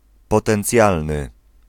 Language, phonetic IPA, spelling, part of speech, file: Polish, [ˌpɔtɛ̃nˈt͡sʲjalnɨ], potencjalny, adjective, Pl-potencjalny.ogg